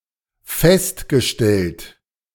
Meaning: past participle of feststellen; established
- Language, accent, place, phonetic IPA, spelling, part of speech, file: German, Germany, Berlin, [ˈfɛstɡəˌʃtɛlt], festgestellt, verb, De-festgestellt.ogg